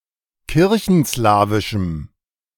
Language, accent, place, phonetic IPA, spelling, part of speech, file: German, Germany, Berlin, [ˈkɪʁçn̩ˌslaːvɪʃm̩], kirchenslawischem, adjective, De-kirchenslawischem.ogg
- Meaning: strong dative masculine/neuter singular of kirchenslawisch